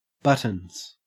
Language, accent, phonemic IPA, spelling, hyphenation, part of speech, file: English, Australia, /ˈbʌt.ənz/, buttons, but‧tons, noun / verb, En-au-buttons.ogg
- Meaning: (noun) 1. plural of button 2. The dung of sheep 3. A remote control 4. A boy servant, or page 5. A policeman 6. Synonym of marbles (“sanity; mental faculties”)